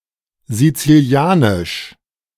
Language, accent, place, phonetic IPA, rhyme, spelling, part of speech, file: German, Germany, Berlin, [zit͡siˈli̯aːnɪʃ], -aːnɪʃ, sizilianisch, adjective, De-sizilianisch.ogg
- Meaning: Sicilian (related to Sicily, the Sicilians or the Sicilian language)